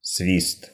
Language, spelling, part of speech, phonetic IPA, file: Russian, свист, noun, [svʲist], Ru-свист.ogg
- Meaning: whistle (act of whistling)